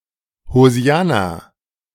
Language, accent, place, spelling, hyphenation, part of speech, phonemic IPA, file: German, Germany, Berlin, Hosianna, Ho‧si‧an‧na, noun, /hoˈzi̯ana/, De-Hosianna.ogg
- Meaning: hosanna